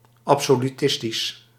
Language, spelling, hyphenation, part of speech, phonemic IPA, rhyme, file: Dutch, absolutistisch, ab‧so‧lu‧tis‧tisch, adjective, /ˌɑp.soː.lyˈtɪs.tis/, -ɪstis, Nl-absolutistisch.ogg
- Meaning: 1. absolutist, absolutistic, absolute (pertaining to the absolute sovereignty of rulers) 2. absolutist, absolute (pertaining to metaphysical absolutes)